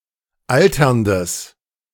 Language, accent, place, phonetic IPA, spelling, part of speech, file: German, Germany, Berlin, [ˈaltɐndəs], alterndes, adjective, De-alterndes.ogg
- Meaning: strong/mixed nominative/accusative neuter singular of alternd